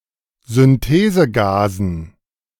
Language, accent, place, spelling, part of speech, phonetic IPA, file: German, Germany, Berlin, Synthesegasen, noun, [zʏnˈteːzəˌɡaːzn̩], De-Synthesegasen.ogg
- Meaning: dative plural of Synthesegas